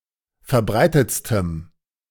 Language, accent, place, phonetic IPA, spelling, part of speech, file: German, Germany, Berlin, [fɛɐ̯ˈbʁaɪ̯tət͡stəm], verbreitetstem, adjective, De-verbreitetstem.ogg
- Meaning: strong dative masculine/neuter singular superlative degree of verbreitet